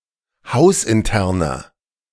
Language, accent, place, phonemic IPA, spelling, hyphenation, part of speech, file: German, Germany, Berlin, /ˈhaʊ̯sʔɪnˌtɛʁnɐ/, hausinterner, haus‧in‧ter‧ner, adjective, De-hausinterner.ogg
- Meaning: inflection of hausintern: 1. strong/mixed nominative masculine singular 2. strong genitive/dative feminine singular 3. strong genitive plural